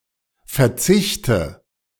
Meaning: nominative/accusative/genitive plural of Verzicht
- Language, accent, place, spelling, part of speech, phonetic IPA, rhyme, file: German, Germany, Berlin, Verzichte, noun, [fɛɐ̯ˈt͡sɪçtə], -ɪçtə, De-Verzichte.ogg